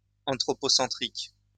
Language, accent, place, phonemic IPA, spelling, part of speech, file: French, France, Lyon, /ɑ̃.tʁɔ.pɔ.sɑ̃.tʁik/, anthropocentrique, adjective, LL-Q150 (fra)-anthropocentrique.wav
- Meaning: anthropocentric